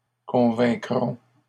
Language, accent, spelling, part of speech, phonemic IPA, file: French, Canada, convaincront, verb, /kɔ̃.vɛ̃.kʁɔ̃/, LL-Q150 (fra)-convaincront.wav
- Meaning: third-person plural future of convaincre